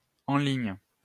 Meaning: online
- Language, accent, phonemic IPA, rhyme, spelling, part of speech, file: French, France, /ɑ̃ liɲ/, -iɲ, en ligne, adjective, LL-Q150 (fra)-en ligne.wav